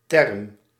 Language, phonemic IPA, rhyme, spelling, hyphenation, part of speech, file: Dutch, /tɛrm/, -ɛrm, term, term, noun, Nl-term.ogg
- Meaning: 1. term; a word or phrase, especially one from a specialised area of knowledge 2. term; one of the addends in a sum